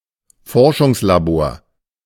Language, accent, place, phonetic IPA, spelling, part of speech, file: German, Germany, Berlin, [ˈfɔʁʃʊŋslaˌboːɐ̯], Forschungslabor, noun, De-Forschungslabor.ogg
- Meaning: research laboratory